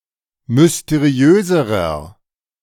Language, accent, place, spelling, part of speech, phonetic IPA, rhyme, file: German, Germany, Berlin, mysteriöserer, adjective, [mʏsteˈʁi̯øːzəʁɐ], -øːzəʁɐ, De-mysteriöserer.ogg
- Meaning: inflection of mysteriös: 1. strong/mixed nominative masculine singular comparative degree 2. strong genitive/dative feminine singular comparative degree 3. strong genitive plural comparative degree